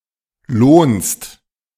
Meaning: second-person singular present of lohnen
- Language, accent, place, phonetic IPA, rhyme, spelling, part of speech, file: German, Germany, Berlin, [loːnst], -oːnst, lohnst, verb, De-lohnst.ogg